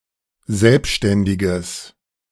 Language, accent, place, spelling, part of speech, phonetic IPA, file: German, Germany, Berlin, selbständiges, adjective, [ˈzɛlpʃtɛndɪɡəs], De-selbständiges.ogg
- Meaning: strong/mixed nominative/accusative neuter singular of selbständig